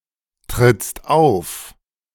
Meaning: second-person singular present of auftreten
- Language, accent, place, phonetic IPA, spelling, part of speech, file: German, Germany, Berlin, [ˌtʁɪt͡st ˈaʊ̯f], trittst auf, verb, De-trittst auf.ogg